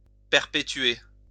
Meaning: to perpetuate
- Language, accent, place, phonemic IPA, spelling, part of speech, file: French, France, Lyon, /pɛʁ.pe.tɥe/, perpétuer, verb, LL-Q150 (fra)-perpétuer.wav